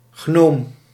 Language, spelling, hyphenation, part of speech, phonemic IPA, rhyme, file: Dutch, gnoom, gnoom, noun, /ɣnoːm/, -oːm, Nl-gnoom.ogg
- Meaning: gnome